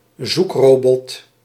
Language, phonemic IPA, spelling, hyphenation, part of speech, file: Dutch, /ˈzukˌroː.bɔt/, zoekrobot, zoek‧ro‧bot, noun, Nl-zoekrobot.ogg
- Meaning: 1. search engine 2. spider, crawler